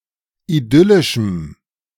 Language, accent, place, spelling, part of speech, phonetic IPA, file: German, Germany, Berlin, idyllischem, adjective, [iˈdʏlɪʃm̩], De-idyllischem.ogg
- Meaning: strong dative masculine/neuter singular of idyllisch